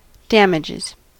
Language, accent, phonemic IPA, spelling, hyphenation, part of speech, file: English, US, /ˈdæmɪd͡ʒɪz/, damages, dam‧ag‧es, verb / noun, En-us-damages.ogg
- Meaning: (verb) third-person singular simple present indicative of damage